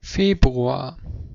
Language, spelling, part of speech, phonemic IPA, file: German, Februar, noun, /ˈfeːbruaːr/, De-Februar.ogg
- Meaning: February (the short month following January and preceding March in the Roman, Julian, and Gregorian calendars, used in all three calendars for intercalation or addition of leap days)